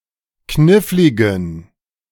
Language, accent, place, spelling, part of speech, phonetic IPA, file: German, Germany, Berlin, kniffligen, adjective, [ˈknɪflɪɡn̩], De-kniffligen.ogg
- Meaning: inflection of knifflig: 1. strong genitive masculine/neuter singular 2. weak/mixed genitive/dative all-gender singular 3. strong/weak/mixed accusative masculine singular 4. strong dative plural